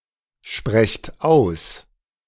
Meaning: inflection of aussprechen: 1. second-person plural present 2. plural imperative
- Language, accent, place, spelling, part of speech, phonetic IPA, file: German, Germany, Berlin, sprecht aus, verb, [ˌʃpʁɛçt ˈaʊ̯s], De-sprecht aus.ogg